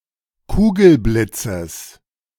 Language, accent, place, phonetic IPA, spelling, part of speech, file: German, Germany, Berlin, [ˈkuːɡl̩ˌblɪt͡səs], Kugelblitzes, noun, De-Kugelblitzes.ogg
- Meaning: genitive singular of Kugelblitz